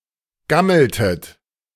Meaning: inflection of gammeln: 1. second-person plural preterite 2. second-person plural subjunctive II
- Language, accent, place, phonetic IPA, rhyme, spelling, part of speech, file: German, Germany, Berlin, [ˈɡaml̩tət], -aml̩tət, gammeltet, verb, De-gammeltet.ogg